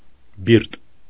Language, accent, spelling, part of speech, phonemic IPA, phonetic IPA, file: Armenian, Eastern Armenian, բիրտ, adjective, /biɾt/, [biɾt], Hy-բիրտ.ogg
- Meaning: harsh, rude, brute, crude